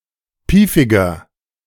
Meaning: inflection of piefig: 1. strong/mixed nominative masculine singular 2. strong genitive/dative feminine singular 3. strong genitive plural
- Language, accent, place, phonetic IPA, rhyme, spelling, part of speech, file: German, Germany, Berlin, [ˈpiːfɪɡɐ], -iːfɪɡɐ, piefiger, adjective, De-piefiger.ogg